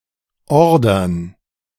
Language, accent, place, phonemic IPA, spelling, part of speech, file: German, Germany, Berlin, /ˈɔrdərn/, ordern, verb, De-ordern.ogg
- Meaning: 1. to order, to request delivery (in bulk, otherwise rare or humorous) 2. to order, to command